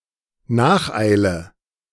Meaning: hot pursuit
- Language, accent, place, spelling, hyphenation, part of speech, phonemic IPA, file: German, Germany, Berlin, Nacheile, Nach‧ei‧le, noun, /ˈnaːxˌaɪ̯lə/, De-Nacheile.ogg